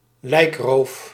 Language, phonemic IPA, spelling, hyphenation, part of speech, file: Dutch, /ˈlɛi̯k.roːf/, lijkroof, lijk‧roof, noun, Nl-lijkroof.ogg
- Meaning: bodysnatching, theft of cadavers